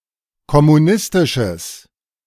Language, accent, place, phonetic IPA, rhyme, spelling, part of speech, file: German, Germany, Berlin, [kɔmuˈnɪstɪʃəs], -ɪstɪʃəs, kommunistisches, adjective, De-kommunistisches.ogg
- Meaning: strong/mixed nominative/accusative neuter singular of kommunistisch